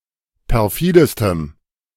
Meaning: strong dative masculine/neuter singular superlative degree of perfide
- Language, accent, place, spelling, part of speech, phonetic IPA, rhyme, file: German, Germany, Berlin, perfidestem, adjective, [pɛʁˈfiːdəstəm], -iːdəstəm, De-perfidestem.ogg